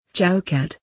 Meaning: A decorative frame or sill on a door or window
- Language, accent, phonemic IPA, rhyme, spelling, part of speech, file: English, UK, /t͡ʃaʊˈkæt/, -æt, chowkat, noun, En-chowkat.oga